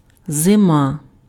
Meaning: winter
- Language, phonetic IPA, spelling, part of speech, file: Ukrainian, [zeˈma], зима, noun, Uk-зима.ogg